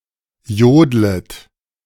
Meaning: second-person plural subjunctive I of jodeln
- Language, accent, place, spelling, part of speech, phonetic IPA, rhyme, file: German, Germany, Berlin, jodlet, verb, [ˈjoːdlət], -oːdlət, De-jodlet.ogg